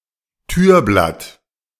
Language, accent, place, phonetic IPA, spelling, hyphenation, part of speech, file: German, Germany, Berlin, [ˈtyːɐ̯ˌblat], Türblatt, Tür‧blatt, noun, De-Türblatt.ogg
- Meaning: doorleaf